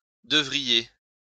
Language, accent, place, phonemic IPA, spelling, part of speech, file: French, France, Lyon, /də.vʁi.je/, devriez, verb, LL-Q150 (fra)-devriez.wav
- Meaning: second-person plural conditional of devoir